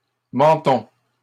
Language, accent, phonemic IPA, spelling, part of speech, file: French, Canada, /mɑ̃.tɔ̃/, mentons, noun / verb, LL-Q150 (fra)-mentons.wav
- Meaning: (noun) plural of menton; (verb) inflection of mentir: 1. first-person plural present indicative 2. first-person plural imperative